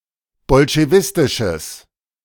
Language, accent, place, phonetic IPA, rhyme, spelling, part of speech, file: German, Germany, Berlin, [bɔlʃeˈvɪstɪʃəs], -ɪstɪʃəs, bolschewistisches, adjective, De-bolschewistisches.ogg
- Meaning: strong/mixed nominative/accusative neuter singular of bolschewistisch